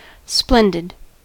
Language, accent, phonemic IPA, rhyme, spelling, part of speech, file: English, US, /ˈsplɛndɪd/, -ɛndɪd, splendid, adjective, En-us-splendid.ogg
- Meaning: 1. Possessing or displaying splendor; shining; very bright 2. Gorgeous; magnificent; sumptuous; of remarkable beauty 3. Brilliant, excellent, of a very high standard